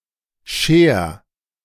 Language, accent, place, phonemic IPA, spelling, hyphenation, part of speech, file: German, Germany, Berlin, /ʃeːɐ̯/, Scheer, Scheer, proper noun, De-Scheer.ogg
- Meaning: a town in Baden-Württemberg, Germany